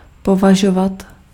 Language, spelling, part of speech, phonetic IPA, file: Czech, považovat, verb, [ˈpovaʒovat], Cs-považovat.ogg
- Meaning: to consider, to view, to deem, to find [with accusative ‘’] and